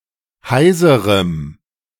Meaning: strong dative masculine/neuter singular of heiser
- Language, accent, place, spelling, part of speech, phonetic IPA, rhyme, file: German, Germany, Berlin, heiserem, adjective, [ˈhaɪ̯zəʁəm], -aɪ̯zəʁəm, De-heiserem.ogg